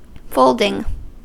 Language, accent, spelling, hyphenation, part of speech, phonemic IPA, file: English, General American, folding, fold‧ing, adjective / noun / verb, /ˈfoʊldɪŋ/, En-us-folding.ogg
- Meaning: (adjective) Designed to fold; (noun) 1. The action of folding; a fold 2. The keeping of sheep in enclosures on arable land, etc